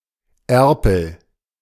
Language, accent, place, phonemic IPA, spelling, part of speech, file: German, Germany, Berlin, /ˈɛrpəl/, Erpel, noun, De-Erpel.ogg
- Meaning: drake (male duck)